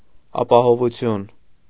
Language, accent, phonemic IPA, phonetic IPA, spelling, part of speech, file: Armenian, Eastern Armenian, /ɑpɑhovuˈtʰjun/, [ɑpɑhovut͡sʰjún], ապահովություն, noun, Hy-ապահովություն.ogg
- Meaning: 1. safety 2. security 3. maintenance 4. prosperity